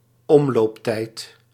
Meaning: orbital period
- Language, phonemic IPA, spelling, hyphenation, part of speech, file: Dutch, /ˈɔmlopˌtɛit/, omlooptijd, om‧loop‧tijd, noun, Nl-omlooptijd.ogg